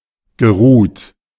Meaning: past participle of ruhen
- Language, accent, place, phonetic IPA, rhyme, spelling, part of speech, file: German, Germany, Berlin, [ɡəˈʁuːt], -uːt, geruht, verb, De-geruht.ogg